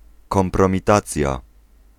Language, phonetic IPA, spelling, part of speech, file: Polish, [ˌkɔ̃mprɔ̃mʲiˈtat͡sʲja], kompromitacja, noun, Pl-kompromitacja.ogg